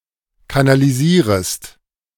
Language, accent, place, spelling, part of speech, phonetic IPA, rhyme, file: German, Germany, Berlin, kanalisierest, verb, [kanaliˈziːʁəst], -iːʁəst, De-kanalisierest.ogg
- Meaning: second-person singular subjunctive I of kanalisieren